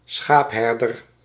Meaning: alternative form of schaapsherder
- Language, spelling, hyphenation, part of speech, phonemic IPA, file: Dutch, schaapherder, schaap‧her‧der, noun, /ˈsxaːpˌɦɛr.dər/, Nl-schaapherder.ogg